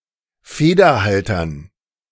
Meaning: dative plural of Federhalter
- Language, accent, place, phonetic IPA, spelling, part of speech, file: German, Germany, Berlin, [ˈfeːdɐˌhaltɐn], Federhaltern, noun, De-Federhaltern.ogg